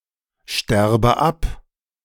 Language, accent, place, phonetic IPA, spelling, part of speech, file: German, Germany, Berlin, [ˌʃtɛʁbə ˈap], sterbe ab, verb, De-sterbe ab.ogg
- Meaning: inflection of absterben: 1. first-person singular present 2. first/third-person singular subjunctive I